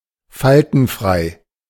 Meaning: unwrinkled
- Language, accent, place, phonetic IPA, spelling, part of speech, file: German, Germany, Berlin, [ˈfaltn̩ˌfʁaɪ̯], faltenfrei, adjective, De-faltenfrei.ogg